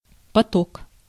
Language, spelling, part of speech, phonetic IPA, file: Russian, поток, noun, [pɐˈtok], Ru-поток.ogg
- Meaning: 1. stream 2. torrent 3. flow 4. assembly line production 5. thread